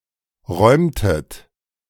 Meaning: inflection of räumen: 1. second-person plural preterite 2. second-person plural subjunctive II
- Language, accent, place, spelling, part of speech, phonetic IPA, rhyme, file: German, Germany, Berlin, räumtet, verb, [ˈʁɔɪ̯mtət], -ɔɪ̯mtət, De-räumtet.ogg